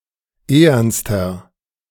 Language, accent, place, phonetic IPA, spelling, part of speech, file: German, Germany, Berlin, [ˈeːɐnstɐ], ehernster, adjective, De-ehernster.ogg
- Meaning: inflection of ehern: 1. strong/mixed nominative masculine singular superlative degree 2. strong genitive/dative feminine singular superlative degree 3. strong genitive plural superlative degree